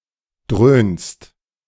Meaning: second-person singular present of dröhnen
- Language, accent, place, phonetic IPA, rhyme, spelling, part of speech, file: German, Germany, Berlin, [dʁøːnst], -øːnst, dröhnst, verb, De-dröhnst.ogg